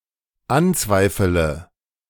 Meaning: inflection of anzweifeln: 1. first-person singular dependent present 2. first/third-person singular dependent subjunctive I
- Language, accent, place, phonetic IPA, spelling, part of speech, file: German, Germany, Berlin, [ˈanˌt͡svaɪ̯fələ], anzweifele, verb, De-anzweifele.ogg